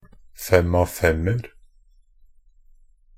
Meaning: indefinite plural of fem-av-fem
- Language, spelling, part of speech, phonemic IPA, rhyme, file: Norwegian Bokmål, fem-av-femer, noun, /ˈfɛm.aʋ.fɛmər/, -ər, Nb-fem-av-femer.ogg